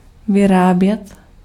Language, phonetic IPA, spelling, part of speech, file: Czech, [ˈvɪraːbjɛt], vyrábět, verb, Cs-vyrábět.ogg
- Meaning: to produce, to make, to manufacture